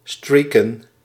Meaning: to streak (to run naked in public, especially at sports games)
- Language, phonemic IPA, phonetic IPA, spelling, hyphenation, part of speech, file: Dutch, /ˈstriː.kə(n)/, [ˈstɹiː.kə(n)], streaken, strea‧ken, verb, Nl-streaken.ogg